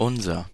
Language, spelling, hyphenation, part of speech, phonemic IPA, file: German, unser, un‧ser, pronoun / determiner, /ˈʔʊnzɐ/, De-unser.ogg
- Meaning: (pronoun) genitive of wir; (determiner) our